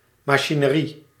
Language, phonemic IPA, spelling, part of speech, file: Dutch, /mɑʃinəˈri/, machinerie, noun, Nl-machinerie.ogg
- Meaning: machinery